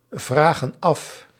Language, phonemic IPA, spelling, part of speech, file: Dutch, /ˈvraɣə(n) ˈɑf/, vragen af, verb, Nl-vragen af.ogg
- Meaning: inflection of afvragen: 1. plural present indicative 2. plural present subjunctive